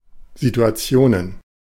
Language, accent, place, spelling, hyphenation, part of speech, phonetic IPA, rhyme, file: German, Germany, Berlin, Situationen, Si‧tu‧a‧ti‧o‧nen, noun, [zitʊ̯aˈt͡si̯oːnən], -oːnən, De-Situationen.ogg
- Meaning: plural of Situation